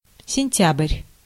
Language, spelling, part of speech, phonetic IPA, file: Russian, сентябрь, noun, [sʲɪnʲˈtʲab(ə)rʲ], Ru-сентябрь.ogg
- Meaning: September